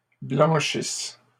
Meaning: second-person singular present/imperfect subjunctive of blanchir
- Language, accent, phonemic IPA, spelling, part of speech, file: French, Canada, /blɑ̃.ʃis/, blanchisses, verb, LL-Q150 (fra)-blanchisses.wav